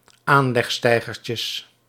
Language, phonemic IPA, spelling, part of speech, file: Dutch, /ˈanlɛxˌstɛiɣərcəs/, aanlegsteigertjes, noun, Nl-aanlegsteigertjes.ogg
- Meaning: plural of aanlegsteigertje